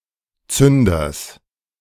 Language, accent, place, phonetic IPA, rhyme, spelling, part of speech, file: German, Germany, Berlin, [ˈt͡sʏndɐs], -ʏndɐs, Zünders, noun, De-Zünders.ogg
- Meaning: genitive singular of Zünder